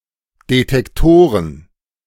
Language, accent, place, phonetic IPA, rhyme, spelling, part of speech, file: German, Germany, Berlin, [detɛkˈtoːʁən], -oːʁən, Detektoren, noun, De-Detektoren.ogg
- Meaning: plural of Detektor